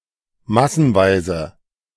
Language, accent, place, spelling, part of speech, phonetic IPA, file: German, Germany, Berlin, massenweise, adverb, [ˈmasn̩ˌvaɪ̯zə], De-massenweise.ogg
- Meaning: many, lots of